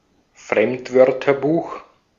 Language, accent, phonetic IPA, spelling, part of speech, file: German, Austria, [ˈfʁɛmtˌvœʁtɐbuːx], Fremdwörterbuch, noun, De-at-Fremdwörterbuch.ogg
- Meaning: dictionary of loanwords